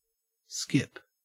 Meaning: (verb) 1. To move by hopping on alternate feet 2. To leap about lightly 3. To skim, ricochet or bounce over a surface 4. To throw (something), making it skim, ricochet, or bounce over a surface
- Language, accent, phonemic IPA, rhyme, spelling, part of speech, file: English, Australia, /skɪp/, -ɪp, skip, verb / noun, En-au-skip.ogg